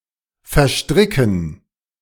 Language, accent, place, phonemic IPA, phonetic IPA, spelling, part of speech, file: German, Germany, Berlin, /fɛɐ̯ˈʃtʁɪkən/, [fɛɐ̯ˈʃtʁɪkŋ̩], verstricken, verb, De-verstricken.ogg
- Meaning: to entangle, to ensnare